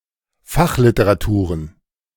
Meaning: plural of Fachliteratur
- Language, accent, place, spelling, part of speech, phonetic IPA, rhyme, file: German, Germany, Berlin, Fachliteraturen, noun, [ˈfaxlɪtəʁaˌtuːʁən], -axlɪtəʁatuːʁən, De-Fachliteraturen.ogg